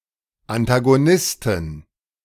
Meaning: inflection of Antagonist: 1. genitive/dative/accusative singular 2. nominative/genitive/dative/accusative plural
- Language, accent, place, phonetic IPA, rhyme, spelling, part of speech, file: German, Germany, Berlin, [antaɡoˈnɪstn̩], -ɪstn̩, Antagonisten, noun, De-Antagonisten.ogg